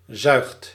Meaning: inflection of zuigen: 1. second/third-person singular present indicative 2. plural imperative
- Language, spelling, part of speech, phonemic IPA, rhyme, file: Dutch, zuigt, verb, /zœy̯xt/, -œy̯xt, Nl-zuigt.ogg